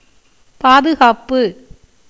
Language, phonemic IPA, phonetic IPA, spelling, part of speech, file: Tamil, /pɑːd̪ʊɡɑːpːɯ/, [päːd̪ʊɡäːpːɯ], பாதுகாப்பு, noun, Ta-பாதுகாப்பு.ogg
- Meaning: 1. protection, guard, watch 2. safety, security 3. support, maintenance